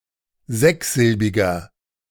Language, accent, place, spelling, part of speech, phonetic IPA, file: German, Germany, Berlin, sechssilbiger, adjective, [ˈzɛksˌzɪlbɪɡɐ], De-sechssilbiger.ogg
- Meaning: inflection of sechssilbig: 1. strong/mixed nominative masculine singular 2. strong genitive/dative feminine singular 3. strong genitive plural